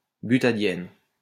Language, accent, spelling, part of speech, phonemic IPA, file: French, France, butadiène, noun, /by.ta.djɛn/, LL-Q150 (fra)-butadiène.wav
- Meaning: butadiene